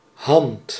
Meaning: a hand of a human, other simian or other animal with fingers
- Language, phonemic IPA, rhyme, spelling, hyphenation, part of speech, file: Dutch, /ɦɑnt/, -ɑnt, hand, hand, noun, Nl-hand.ogg